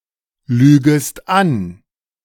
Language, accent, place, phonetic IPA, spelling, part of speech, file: German, Germany, Berlin, [ˌlyːɡəst ˈan], lügest an, verb, De-lügest an.ogg
- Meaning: second-person singular subjunctive I of anlügen